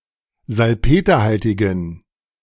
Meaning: inflection of salpeterhaltig: 1. strong genitive masculine/neuter singular 2. weak/mixed genitive/dative all-gender singular 3. strong/weak/mixed accusative masculine singular 4. strong dative plural
- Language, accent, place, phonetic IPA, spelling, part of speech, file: German, Germany, Berlin, [zalˈpeːtɐˌhaltɪɡn̩], salpeterhaltigen, adjective, De-salpeterhaltigen.ogg